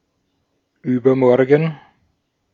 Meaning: overmorrow, the day after tomorrow
- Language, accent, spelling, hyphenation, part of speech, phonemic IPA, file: German, Austria, übermorgen, über‧mor‧gen, adverb, /ˈyːbɐˌmɔʁɡn̩/, De-at-übermorgen.ogg